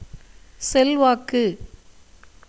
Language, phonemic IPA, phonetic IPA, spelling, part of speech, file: Tamil, /tʃɛlʋɑːkːɯ/, [se̞lʋäːkːɯ], செல்வாக்கு, noun, Ta-செல்வாக்கு.ogg
- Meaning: influence, power